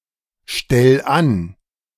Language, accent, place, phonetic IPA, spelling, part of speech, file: German, Germany, Berlin, [ˌʃtɛl ˈan], stell an, verb, De-stell an.ogg
- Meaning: 1. singular imperative of anstellen 2. first-person singular present of anstellen